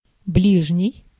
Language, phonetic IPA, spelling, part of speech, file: Russian, [ˈblʲiʐnʲɪj], ближний, adjective / noun, Ru-ближний.ogg
- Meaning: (adjective) 1. near, nearby, neighboring 2. nearest, next; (noun) fellow creature